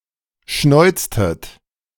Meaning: inflection of schnäuzen: 1. second-person plural preterite 2. second-person plural subjunctive II
- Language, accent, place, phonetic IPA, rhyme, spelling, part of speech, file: German, Germany, Berlin, [ˈʃnɔɪ̯t͡stət], -ɔɪ̯t͡stət, schnäuztet, verb, De-schnäuztet.ogg